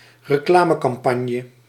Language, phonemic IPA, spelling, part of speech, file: Dutch, /rəˈklaməkɑmˌpɑɲə/, reclamecampagne, noun, Nl-reclamecampagne.ogg
- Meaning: advertisement campaign